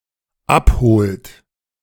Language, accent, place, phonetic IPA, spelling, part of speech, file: German, Germany, Berlin, [ˈapˌhoːlt], abholt, verb, De-abholt.ogg
- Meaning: inflection of abholen: 1. third-person singular dependent present 2. second-person plural dependent present